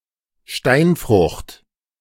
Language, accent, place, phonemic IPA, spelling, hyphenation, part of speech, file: German, Germany, Berlin, /ˈʃtaɪ̯nˌfʁʊxt/, Steinfrucht, Stein‧frucht, noun, De-Steinfrucht.ogg
- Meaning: stone fruit (fruit with soft flesh and a hard pit)